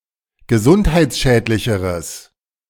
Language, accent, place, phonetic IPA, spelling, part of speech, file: German, Germany, Berlin, [ɡəˈzʊnthaɪ̯t͡sˌʃɛːtlɪçəʁəs], gesundheitsschädlicheres, adjective, De-gesundheitsschädlicheres.ogg
- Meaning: strong/mixed nominative/accusative neuter singular comparative degree of gesundheitsschädlich